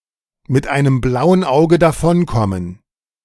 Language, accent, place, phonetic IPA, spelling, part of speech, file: German, Germany, Berlin, [mɪt aɪ̯nəm ˈblaʊ̯ən ˈaʊ̯ɡə daˈfɔnˌkɔmən], mit einem blauen Auge davonkommen, verb, De-mit einem blauen Auge davonkommen.ogg
- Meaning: to get off with a slap on the wrist